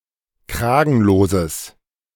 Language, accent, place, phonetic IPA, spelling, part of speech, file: German, Germany, Berlin, [ˈkʁaːɡn̩loːzəs], kragenloses, adjective, De-kragenloses.ogg
- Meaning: strong/mixed nominative/accusative neuter singular of kragenlos